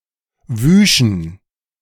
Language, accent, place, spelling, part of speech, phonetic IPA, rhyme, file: German, Germany, Berlin, wüschen, verb, [ˈvyːʃn̩], -yːʃn̩, De-wüschen.ogg
- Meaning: first-person plural subjunctive II of waschen